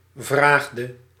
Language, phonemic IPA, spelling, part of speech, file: Dutch, /vraxdə/, vraagde, verb, Nl-vraagde.ogg
- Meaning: inflection of vragen: 1. singular past indicative 2. singular past subjunctive